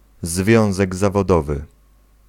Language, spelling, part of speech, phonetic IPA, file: Polish, związek zawodowy, noun, [ˈzvʲjɔ̃w̃zɛɡ ˌzavɔˈdɔvɨ], Pl-związek zawodowy.ogg